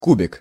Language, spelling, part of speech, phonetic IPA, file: Russian, кубик, noun, [ˈkubʲɪk], Ru-кубик.ogg
- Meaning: 1. block 2. cube 3. brick 4. toy block 5. ice cube 6. dice 7. cubic centimeter (cubic centimetre)